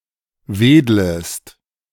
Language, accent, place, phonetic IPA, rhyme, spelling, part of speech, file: German, Germany, Berlin, [ˈveːdləst], -eːdləst, wedlest, verb, De-wedlest.ogg
- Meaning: second-person singular subjunctive I of wedeln